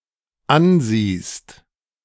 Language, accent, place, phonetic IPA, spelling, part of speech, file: German, Germany, Berlin, [ˈanˌziːst], ansiehst, verb, De-ansiehst.ogg
- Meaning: second-person singular dependent present of ansehen